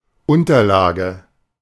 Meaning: something that is or lies underneath, at the base, specific uses include: 1. an underlay, a layer on which something else rests 2. a pad, mat, e.g. a blotter
- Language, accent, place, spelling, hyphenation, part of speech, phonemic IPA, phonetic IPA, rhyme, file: German, Germany, Berlin, Unterlage, Un‧ter‧la‧ge, noun, /ˈʊntərˌlaːɡə/, [ˈʔʊn.tɐˌlaː.ɡə], -aːɡə, De-Unterlage.ogg